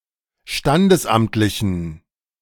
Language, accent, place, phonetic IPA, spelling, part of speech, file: German, Germany, Berlin, [ˈʃtandəsˌʔamtlɪçn̩], standesamtlichen, adjective, De-standesamtlichen.ogg
- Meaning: inflection of standesamtlich: 1. strong genitive masculine/neuter singular 2. weak/mixed genitive/dative all-gender singular 3. strong/weak/mixed accusative masculine singular 4. strong dative plural